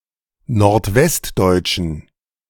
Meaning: inflection of nordwestdeutsch: 1. strong genitive masculine/neuter singular 2. weak/mixed genitive/dative all-gender singular 3. strong/weak/mixed accusative masculine singular 4. strong dative plural
- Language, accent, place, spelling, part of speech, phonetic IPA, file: German, Germany, Berlin, nordwestdeutschen, adjective, [noʁtˈvɛstˌdɔɪ̯t͡ʃn̩], De-nordwestdeutschen.ogg